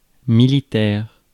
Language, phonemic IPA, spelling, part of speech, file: French, /mi.li.tɛʁ/, militaire, adjective / noun, Fr-militaire.ogg
- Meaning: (adjective) military, militaristic; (noun) 1. military 2. a soldier